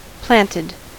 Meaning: simple past and past participle of plant
- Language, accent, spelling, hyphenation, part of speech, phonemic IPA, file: English, US, planted, plant‧ed, verb, /ˈplæntɪd/, En-us-planted.ogg